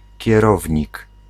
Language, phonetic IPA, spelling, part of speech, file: Polish, [cɛˈrɔvʲɲik], kierownik, noun, Pl-kierownik.ogg